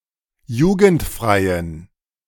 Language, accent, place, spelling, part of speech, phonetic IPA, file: German, Germany, Berlin, jugendfreien, adjective, [ˈjuːɡn̩tˌfʁaɪ̯ən], De-jugendfreien.ogg
- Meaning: inflection of jugendfrei: 1. strong genitive masculine/neuter singular 2. weak/mixed genitive/dative all-gender singular 3. strong/weak/mixed accusative masculine singular 4. strong dative plural